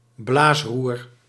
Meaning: blowgun
- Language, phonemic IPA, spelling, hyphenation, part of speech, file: Dutch, /ˈblaːs.rur/, blaasroer, blaas‧roer, noun, Nl-blaasroer.ogg